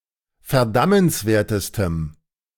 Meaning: strong dative masculine/neuter singular superlative degree of verdammenswert
- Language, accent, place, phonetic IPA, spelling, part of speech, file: German, Germany, Berlin, [fɛɐ̯ˈdamənsˌveːɐ̯təstəm], verdammenswertestem, adjective, De-verdammenswertestem.ogg